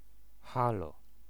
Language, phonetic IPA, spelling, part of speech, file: Polish, [ˈxalɔ], halo, interjection / noun, Pl-halo.ogg